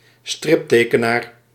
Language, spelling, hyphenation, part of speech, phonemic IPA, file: Dutch, striptekenaar, strip‧te‧ke‧naar, noun, /ˈstrɪpˌteː.kə.naːr/, Nl-striptekenaar.ogg
- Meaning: cartoonist, comic artist (drawer of comics or cartoons)